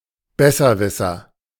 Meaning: know-it-all, wiseguy, wiseacre, smart aleck
- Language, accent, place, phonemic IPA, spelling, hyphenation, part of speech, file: German, Germany, Berlin, /ˈbɛsɐˌvɪsɐ/, Besserwisser, Bes‧ser‧wis‧ser, noun, De-Besserwisser.ogg